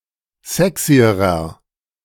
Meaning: inflection of sexy: 1. strong/mixed nominative masculine singular comparative degree 2. strong genitive/dative feminine singular comparative degree 3. strong genitive plural comparative degree
- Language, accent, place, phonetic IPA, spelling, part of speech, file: German, Germany, Berlin, [ˈzɛksiəʁɐ], sexyerer, adjective, De-sexyerer.ogg